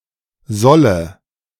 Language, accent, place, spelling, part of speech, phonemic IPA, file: German, Germany, Berlin, solle, verb, /ˈzɔlə/, De-solle.ogg
- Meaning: first/third-person singular subjunctive I of sollen